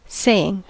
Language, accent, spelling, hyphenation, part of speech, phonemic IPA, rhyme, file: English, US, saying, say‧ing, verb / noun, /ˈseɪ.ɪŋ/, -eɪɪŋ, En-us-saying.ogg
- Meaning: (verb) present participle and gerund of say; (noun) 1. A proverb or maxim 2. That which is said; an utterance